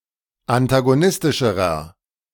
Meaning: inflection of antagonistisch: 1. strong/mixed nominative masculine singular comparative degree 2. strong genitive/dative feminine singular comparative degree
- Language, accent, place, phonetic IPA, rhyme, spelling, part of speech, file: German, Germany, Berlin, [antaɡoˈnɪstɪʃəʁɐ], -ɪstɪʃəʁɐ, antagonistischerer, adjective, De-antagonistischerer.ogg